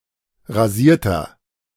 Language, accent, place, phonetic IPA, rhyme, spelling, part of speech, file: German, Germany, Berlin, [ʁaˈziːɐ̯tɐ], -iːɐ̯tɐ, rasierter, adjective, De-rasierter.ogg
- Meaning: inflection of rasiert: 1. strong/mixed nominative masculine singular 2. strong genitive/dative feminine singular 3. strong genitive plural